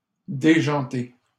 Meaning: masculine plural of déjanté
- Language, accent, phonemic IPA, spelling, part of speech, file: French, Canada, /de.ʒɑ̃.te/, déjantés, adjective, LL-Q150 (fra)-déjantés.wav